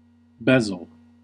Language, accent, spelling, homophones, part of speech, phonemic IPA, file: English, US, bezel, bezzle, noun, /ˈbɛz.əl/, En-us-bezel.ogg
- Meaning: 1. The sloping edge or face on a cutting tool 2. The oblique side or face of a cut gem; especially the upper faceted portion of a brilliant (diamond), which projects from its setting